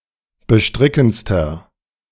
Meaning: inflection of bestrickend: 1. strong/mixed nominative masculine singular superlative degree 2. strong genitive/dative feminine singular superlative degree 3. strong genitive plural superlative degree
- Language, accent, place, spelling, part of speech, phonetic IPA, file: German, Germany, Berlin, bestrickendster, adjective, [bəˈʃtʁɪkn̩t͡stɐ], De-bestrickendster.ogg